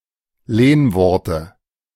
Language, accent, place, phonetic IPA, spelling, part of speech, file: German, Germany, Berlin, [ˈleːnˌvɔʁtə], Lehnworte, noun, De-Lehnworte.ogg
- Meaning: dative singular of Lehnwort